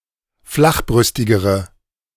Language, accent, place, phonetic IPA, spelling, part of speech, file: German, Germany, Berlin, [ˈflaxˌbʁʏstɪɡəʁə], flachbrüstigere, adjective, De-flachbrüstigere.ogg
- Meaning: inflection of flachbrüstig: 1. strong/mixed nominative/accusative feminine singular comparative degree 2. strong nominative/accusative plural comparative degree